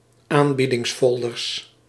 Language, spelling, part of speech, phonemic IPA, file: Dutch, aanbiedingsfolders, noun, /ˈambidɪŋsˌfɔldərs/, Nl-aanbiedingsfolders.ogg
- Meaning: plural of aanbiedingsfolder